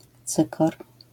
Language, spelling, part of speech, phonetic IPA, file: Polish, cykor, noun, [ˈt͡sɨkɔr], LL-Q809 (pol)-cykor.wav